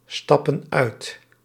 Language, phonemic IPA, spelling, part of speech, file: Dutch, /ˈstɑpə(n) ˈœyt/, stappen uit, verb, Nl-stappen uit.ogg
- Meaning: inflection of uitstappen: 1. plural present indicative 2. plural present subjunctive